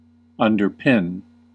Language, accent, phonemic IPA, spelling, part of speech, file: English, US, /ˌʌn.dɚˈpɪn/, underpin, verb, En-us-underpin.ogg
- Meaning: 1. To support from below with props or masonry 2. To give support to; to form a basis of; to corroborate